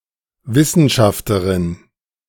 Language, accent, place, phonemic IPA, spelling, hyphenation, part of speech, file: German, Germany, Berlin, /ˈvɪsənˌʃaftɐʁɪn/, Wissenschafterin, Wis‧sen‧schaf‧te‧rin, noun, De-Wissenschafterin.ogg
- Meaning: alternative form of Wissenschaftlerin (Austria, Liechtenstein, Switzerland)